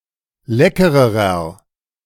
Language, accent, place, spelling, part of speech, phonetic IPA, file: German, Germany, Berlin, leckererer, adjective, [ˈlɛkəʁəʁɐ], De-leckererer.ogg
- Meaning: inflection of lecker: 1. strong/mixed nominative masculine singular comparative degree 2. strong genitive/dative feminine singular comparative degree 3. strong genitive plural comparative degree